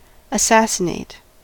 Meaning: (verb) To murder someone, especially an important person, by a sudden or obscure attack, especially for ideological or political reasons
- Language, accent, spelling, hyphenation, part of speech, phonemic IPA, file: English, General American, assassinate, as‧sas‧sin‧ate, verb / noun, /əˈsæs(ə)nˌeɪt/, En-us-assassinate.ogg